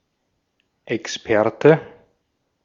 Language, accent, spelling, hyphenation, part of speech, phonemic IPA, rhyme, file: German, Austria, Experte, Ex‧per‧te, noun, /ɛksˈpɛʁtə/, -ɛʁtə, De-at-Experte.ogg
- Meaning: expert